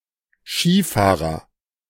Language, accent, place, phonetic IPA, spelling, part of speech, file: German, Germany, Berlin, [ˈʃiːˌfaːʁɐ], Skifahrer, noun, De-Skifahrer.ogg
- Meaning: skier (male or of unspecified gender) (someone who practices skiing)